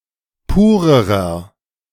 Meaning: inflection of pur: 1. strong/mixed nominative masculine singular comparative degree 2. strong genitive/dative feminine singular comparative degree 3. strong genitive plural comparative degree
- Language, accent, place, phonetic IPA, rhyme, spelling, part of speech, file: German, Germany, Berlin, [ˈpuːʁəʁɐ], -uːʁəʁɐ, purerer, adjective, De-purerer.ogg